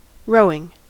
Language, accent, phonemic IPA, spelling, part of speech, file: English, US, /ˈɹoʊɪŋ/, rowing, verb / noun, En-us-rowing.ogg
- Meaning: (verb) present participle and gerund of row (“propel with oars”); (noun) 1. The action of the verb to row 2. The action of propelling a boat with oars 3. The rowing of boats as a competitive sport